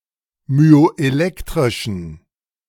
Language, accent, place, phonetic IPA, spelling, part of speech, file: German, Germany, Berlin, [myoʔeˈlɛktʁɪʃn̩], myoelektrischen, adjective, De-myoelektrischen.ogg
- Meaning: inflection of myoelektrisch: 1. strong genitive masculine/neuter singular 2. weak/mixed genitive/dative all-gender singular 3. strong/weak/mixed accusative masculine singular 4. strong dative plural